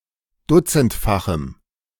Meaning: strong dative masculine/neuter singular of dutzendfach
- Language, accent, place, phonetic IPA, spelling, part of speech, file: German, Germany, Berlin, [ˈdʊt͡sn̩tfaxm̩], dutzendfachem, adjective, De-dutzendfachem.ogg